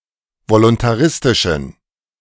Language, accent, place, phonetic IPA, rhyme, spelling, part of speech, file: German, Germany, Berlin, [volʊntaˈʁɪstɪʃn̩], -ɪstɪʃn̩, voluntaristischen, adjective, De-voluntaristischen.ogg
- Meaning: inflection of voluntaristisch: 1. strong genitive masculine/neuter singular 2. weak/mixed genitive/dative all-gender singular 3. strong/weak/mixed accusative masculine singular 4. strong dative plural